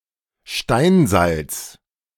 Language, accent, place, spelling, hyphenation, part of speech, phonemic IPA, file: German, Germany, Berlin, Steinsalz, Stein‧salz, noun, /ˈʃtaɪ̯nˌzalt͡s/, De-Steinsalz.ogg
- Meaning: rock salt, halite